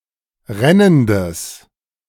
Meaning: strong/mixed nominative/accusative neuter singular of rennend
- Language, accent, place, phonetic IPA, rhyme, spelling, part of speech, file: German, Germany, Berlin, [ˈʁɛnəndəs], -ɛnəndəs, rennendes, adjective, De-rennendes.ogg